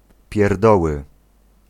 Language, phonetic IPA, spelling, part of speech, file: Polish, [pʲjɛrˈdɔwɨ], pierdoły, noun, Pl-pierdoły.ogg